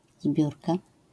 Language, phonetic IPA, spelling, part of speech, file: Polish, [ˈzbʲjurka], zbiórka, noun, LL-Q809 (pol)-zbiórka.wav